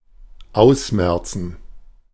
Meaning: to weed out, exterminate, remove entirely
- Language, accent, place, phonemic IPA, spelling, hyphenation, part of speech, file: German, Germany, Berlin, /ˈaʊ̯sˌmɛrtsən/, ausmerzen, aus‧mer‧zen, verb, De-ausmerzen.ogg